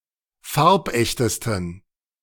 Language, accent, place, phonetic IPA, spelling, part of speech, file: German, Germany, Berlin, [ˈfaʁpˌʔɛçtəstn̩], farbechtesten, adjective, De-farbechtesten.ogg
- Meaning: 1. superlative degree of farbecht 2. inflection of farbecht: strong genitive masculine/neuter singular superlative degree